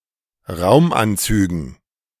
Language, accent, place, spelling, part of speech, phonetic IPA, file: German, Germany, Berlin, Raumanzügen, noun, [ˈʁaʊ̯mʔanˌt͡syːɡn̩], De-Raumanzügen.ogg
- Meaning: dative plural of Raumanzug